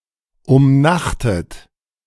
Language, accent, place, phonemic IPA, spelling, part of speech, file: German, Germany, Berlin, /ʊmˈnaχtət/, umnachtet, verb / adjective, De-umnachtet.ogg
- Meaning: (verb) past participle of umnachten; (adjective) confused, demented